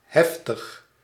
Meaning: intense, heavy
- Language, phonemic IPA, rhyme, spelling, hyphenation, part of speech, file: Dutch, /ˈɦɛf.təx/, -ɛftəx, heftig, hef‧tig, adjective, Nl-heftig.ogg